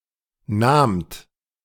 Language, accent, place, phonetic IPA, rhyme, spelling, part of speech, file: German, Germany, Berlin, [naːmt], -aːmt, nahmt, verb, De-nahmt.ogg
- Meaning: second-person plural preterite of nehmen